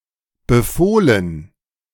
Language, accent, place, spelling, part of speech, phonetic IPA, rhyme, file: German, Germany, Berlin, befohlen, verb, [bəˈfoːlən], -oːlən, De-befohlen.ogg
- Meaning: past participle of befehlen